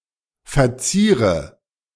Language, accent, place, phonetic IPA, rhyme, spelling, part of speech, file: German, Germany, Berlin, [fɛɐ̯ˈt͡siːʁə], -iːʁə, verziere, verb, De-verziere.ogg
- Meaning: inflection of verzieren: 1. first-person singular present 2. first/third-person singular subjunctive I 3. singular imperative